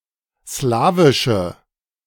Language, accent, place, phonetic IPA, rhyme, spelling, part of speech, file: German, Germany, Berlin, [ˈslaːvɪʃə], -aːvɪʃə, slawische, adjective, De-slawische.ogg
- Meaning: inflection of slawisch: 1. strong/mixed nominative/accusative feminine singular 2. strong nominative/accusative plural 3. weak nominative all-gender singular